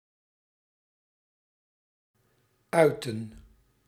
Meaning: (adjective) absolute, total; utter (to the furthest or most extreme extent); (verb) to express; to utter (to produce (a cry, speech, or other sounds) with the voice)
- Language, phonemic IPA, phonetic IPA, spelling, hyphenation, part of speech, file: Dutch, /ˈœy̯.tə(n)/, [ˈœː.tə(n)], uiten, ui‧ten, adjective / verb, Nl-uiten.ogg